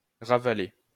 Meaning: 1. to restore 2. to swallow again 3. to debase
- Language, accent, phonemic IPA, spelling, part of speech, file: French, France, /ʁa.va.le/, ravaler, verb, LL-Q150 (fra)-ravaler.wav